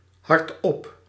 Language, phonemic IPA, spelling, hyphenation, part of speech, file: Dutch, /ɦɑrtˈɔp/, hardop, hard‧op, adverb, Nl-hardop.ogg
- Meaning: out loud, aloud